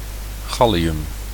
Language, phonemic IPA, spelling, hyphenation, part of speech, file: Dutch, /ˈɣɑ.li.ʏm/, gallium, gal‧li‧um, noun, Nl-gallium.ogg
- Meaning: gallium (chemical element with atomic number 31)